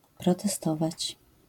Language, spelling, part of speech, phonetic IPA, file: Polish, protestować, verb, [ˌprɔtɛˈstɔvat͡ɕ], LL-Q809 (pol)-protestować.wav